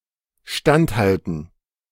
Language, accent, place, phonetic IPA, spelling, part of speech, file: German, Germany, Berlin, [ˈʃtantˌhaltn̩], standhalten, verb, De-standhalten.ogg
- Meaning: to stand, withstand, defy